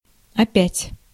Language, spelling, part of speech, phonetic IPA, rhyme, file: Russian, опять, adverb, [ɐˈpʲætʲ], -ætʲ, Ru-опять.ogg
- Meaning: 1. again (occurring another time) 2. again (used when re-emphasising something already stated)